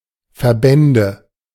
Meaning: nominative/accusative/genitive plural of Verband
- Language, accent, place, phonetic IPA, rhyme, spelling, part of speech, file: German, Germany, Berlin, [fɛɐ̯ˈbɛndə], -ɛndə, Verbände, noun, De-Verbände.ogg